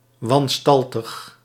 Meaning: deformed; misshapen
- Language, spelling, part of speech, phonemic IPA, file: Dutch, wanstaltig, adjective, /wɑnˈstɑltəx/, Nl-wanstaltig.ogg